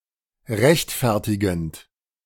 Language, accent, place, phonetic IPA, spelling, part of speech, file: German, Germany, Berlin, [ˈʁɛçtˌfɛʁtɪɡn̩t], rechtfertigend, verb, De-rechtfertigend.ogg
- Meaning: present participle of rechtfertigen